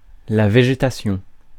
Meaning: vegetation
- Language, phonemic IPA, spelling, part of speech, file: French, /ve.ʒe.ta.sjɔ̃/, végétation, noun, Fr-végétation.ogg